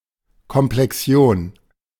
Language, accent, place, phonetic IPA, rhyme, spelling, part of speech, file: German, Germany, Berlin, [kɔmplɛˈksi̯oːn], -oːn, Komplexion, noun, De-Komplexion.ogg
- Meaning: complex ion